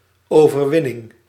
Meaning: 1. victory, triumph 2. individual win, as in a contest
- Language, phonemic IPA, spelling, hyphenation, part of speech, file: Dutch, /ˌoːvərˈʋɪnɪŋ/, overwinning, over‧win‧ning, noun, Nl-overwinning.ogg